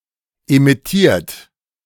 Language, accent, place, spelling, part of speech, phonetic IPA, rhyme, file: German, Germany, Berlin, emittiert, verb, [emɪˈtiːɐ̯t], -iːɐ̯t, De-emittiert.ogg
- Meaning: 1. past participle of emittieren 2. inflection of emittieren: third-person singular present 3. inflection of emittieren: second-person plural present 4. inflection of emittieren: plural imperative